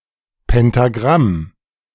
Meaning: pentagram, pentacle
- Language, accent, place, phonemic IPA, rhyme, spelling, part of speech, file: German, Germany, Berlin, /pɛntaˈɡʁam/, -am, Pentagramm, noun, De-Pentagramm.ogg